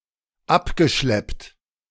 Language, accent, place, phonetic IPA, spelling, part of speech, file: German, Germany, Berlin, [ˈapɡəˌʃlɛpt], abgeschleppt, verb, De-abgeschleppt.ogg
- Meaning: past participle of abschleppen